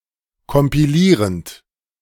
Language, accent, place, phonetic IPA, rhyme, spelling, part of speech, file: German, Germany, Berlin, [kɔmpiˈliːʁənt], -iːʁənt, kompilierend, verb, De-kompilierend.ogg
- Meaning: present participle of kompilieren